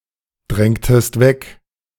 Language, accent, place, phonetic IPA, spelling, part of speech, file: German, Germany, Berlin, [ˌdʁɛŋtəst ˈvɛk], drängtest weg, verb, De-drängtest weg.ogg
- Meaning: inflection of wegdrängen: 1. second-person singular preterite 2. second-person singular subjunctive II